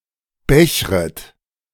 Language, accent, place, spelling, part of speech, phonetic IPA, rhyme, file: German, Germany, Berlin, bechret, verb, [ˈbɛçʁət], -ɛçʁət, De-bechret.ogg
- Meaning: second-person plural subjunctive I of bechern